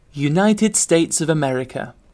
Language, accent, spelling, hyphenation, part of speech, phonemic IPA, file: English, UK, United States of America, U‧nit‧ed States of A‧mer‧i‧ca, proper noun, /juːˌnaɪtɨd ˌsteɪts əv əˈmɛɹɨkə/, En-uk-United States of America.ogg